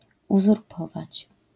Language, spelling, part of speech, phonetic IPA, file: Polish, uzurpować, verb, [ˌuzurˈpɔvat͡ɕ], LL-Q809 (pol)-uzurpować.wav